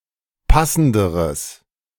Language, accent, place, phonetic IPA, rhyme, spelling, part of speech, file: German, Germany, Berlin, [ˈpasn̩dəʁəs], -asn̩dəʁəs, passenderes, adjective, De-passenderes.ogg
- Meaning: strong/mixed nominative/accusative neuter singular comparative degree of passend